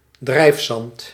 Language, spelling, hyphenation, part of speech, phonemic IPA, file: Dutch, drijfzand, drijf‧zand, noun, /ˈdrɛi̯f.sɑnt/, Nl-drijfzand.ogg
- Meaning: 1. quicksand 2. a treacherous, tricky danger or risk